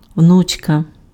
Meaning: diminutive of вну́ка f (vnúka): granddaughter
- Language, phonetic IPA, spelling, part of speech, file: Ukrainian, [ˈwnut͡ʃkɐ], внучка, noun, Uk-внучка.ogg